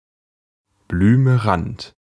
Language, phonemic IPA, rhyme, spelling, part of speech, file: German, /blyməˈrant/, -ant, blümerant, adjective, De-blümerant.ogg
- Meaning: 1. light or pale blue 2. unwell, queasy, dizzy